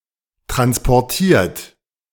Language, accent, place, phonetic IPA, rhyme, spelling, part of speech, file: German, Germany, Berlin, [ˌtʁanspɔʁˈtiːɐ̯t], -iːɐ̯t, transportiert, verb, De-transportiert.ogg
- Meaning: 1. past participle of transportieren 2. inflection of transportieren: third-person singular present 3. inflection of transportieren: second-person plural present